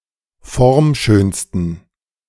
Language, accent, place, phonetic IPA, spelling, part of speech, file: German, Germany, Berlin, [ˈfɔʁmˌʃøːnstn̩], formschönsten, adjective, De-formschönsten.ogg
- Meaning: 1. superlative degree of formschön 2. inflection of formschön: strong genitive masculine/neuter singular superlative degree